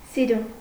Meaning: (adjective) pretty, beautiful, nice; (adverb) 1. beautifully 2. nicely; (postposition) for the sake of, for the love of someone or something
- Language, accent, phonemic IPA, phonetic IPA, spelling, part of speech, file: Armenian, Eastern Armenian, /siˈɾun/, [siɾún], սիրուն, adjective / adverb / postposition, Hy-սիրուն.ogg